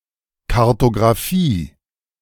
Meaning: alternative spelling of Kartografie
- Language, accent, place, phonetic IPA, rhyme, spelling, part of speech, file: German, Germany, Berlin, [kaʁtoɡʁaˈfiː], -iː, Kartographie, noun, De-Kartographie.ogg